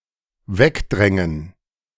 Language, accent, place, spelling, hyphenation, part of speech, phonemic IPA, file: German, Germany, Berlin, wegdrängen, weg‧drän‧gen, verb, /ˈvɛkdʁɛŋən/, De-wegdrängen.ogg
- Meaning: to edge away, to edge off